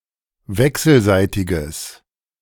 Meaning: strong/mixed nominative/accusative neuter singular of wechselseitig
- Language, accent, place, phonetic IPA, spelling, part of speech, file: German, Germany, Berlin, [ˈvɛksl̩ˌzaɪ̯tɪɡəs], wechselseitiges, adjective, De-wechselseitiges.ogg